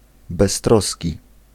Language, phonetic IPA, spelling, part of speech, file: Polish, [bɛsˈtrɔsʲci], beztroski, adjective, Pl-beztroski.ogg